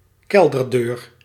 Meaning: cellar door
- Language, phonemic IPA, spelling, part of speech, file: Dutch, /ˈkɛldərdɵːr/, kelderdeur, noun, Nl-kelderdeur.ogg